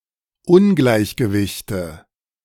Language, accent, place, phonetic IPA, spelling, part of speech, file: German, Germany, Berlin, [ˈʊnɡlaɪ̯çɡəvɪçtə], Ungleichgewichte, noun, De-Ungleichgewichte.ogg
- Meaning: nominative/accusative/genitive plural of Ungleichgewicht